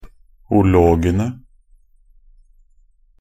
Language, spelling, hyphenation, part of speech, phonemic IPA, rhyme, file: Norwegian Bokmål, -ologene, -o‧lo‧ge‧ne, suffix, /ʊˈloːɡənə/, -ənə, Nb--ologene.ogg
- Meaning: definite plural of -log